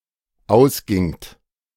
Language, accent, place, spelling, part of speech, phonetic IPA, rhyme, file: German, Germany, Berlin, ausgingt, verb, [ˈaʊ̯sˌɡɪŋt], -aʊ̯sɡɪŋt, De-ausgingt.ogg
- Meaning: second-person plural dependent preterite of ausgehen